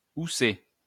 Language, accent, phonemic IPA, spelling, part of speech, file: French, France, /u.se/, housser, verb, LL-Q150 (fra)-housser.wav
- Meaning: 1. to cover with a dustsheet 2. to dust (with a duster)